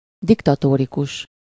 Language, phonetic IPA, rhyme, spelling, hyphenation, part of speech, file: Hungarian, [ˈdiktɒtoːrikuʃ], -uʃ, diktatórikus, dik‧ta‧tó‧ri‧kus, adjective, Hu-diktatórikus.ogg
- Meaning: 1. dictatorial (of or pertaining to a dictator) 2. dictatorial, peremptory (in the manner of a dictator, usually with callous disregard for others)